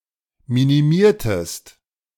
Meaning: inflection of minimieren: 1. second-person singular preterite 2. second-person singular subjunctive II
- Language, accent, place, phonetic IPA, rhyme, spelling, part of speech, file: German, Germany, Berlin, [ˌminiˈmiːɐ̯təst], -iːɐ̯təst, minimiertest, verb, De-minimiertest.ogg